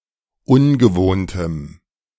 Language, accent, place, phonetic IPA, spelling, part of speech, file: German, Germany, Berlin, [ˈʊnɡəˌvoːntəm], ungewohntem, adjective, De-ungewohntem.ogg
- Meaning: strong dative masculine/neuter singular of ungewohnt